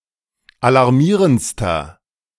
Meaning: inflection of alarmierend: 1. strong/mixed nominative masculine singular superlative degree 2. strong genitive/dative feminine singular superlative degree 3. strong genitive plural superlative degree
- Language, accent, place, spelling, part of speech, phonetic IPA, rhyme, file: German, Germany, Berlin, alarmierendster, adjective, [alaʁˈmiːʁənt͡stɐ], -iːʁənt͡stɐ, De-alarmierendster.ogg